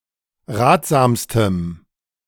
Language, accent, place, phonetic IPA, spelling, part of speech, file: German, Germany, Berlin, [ˈʁaːtz̥aːmstəm], ratsamstem, adjective, De-ratsamstem.ogg
- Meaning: strong dative masculine/neuter singular superlative degree of ratsam